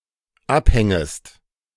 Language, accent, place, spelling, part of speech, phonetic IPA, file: German, Germany, Berlin, abhängest, verb, [ˈapˌhɛŋəst], De-abhängest.ogg
- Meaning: second-person singular dependent subjunctive I of abhängen